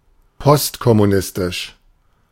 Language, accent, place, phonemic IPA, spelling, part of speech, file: German, Germany, Berlin, /ˈpɔstkɔmuˌnɪstɪʃ/, postkommunistisch, adjective, De-postkommunistisch.ogg
- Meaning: postcommunist